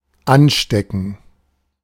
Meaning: 1. to infect: to infect someone 2. to infect: to contract a disease 3. to set fire to 4. to attach, to pin (objects with a needle, e.g., a tack or a brooch) 5. to put on (e.g., a ring)
- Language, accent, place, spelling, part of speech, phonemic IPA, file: German, Germany, Berlin, anstecken, verb, /ˈanˌʃtekn̩/, De-anstecken.ogg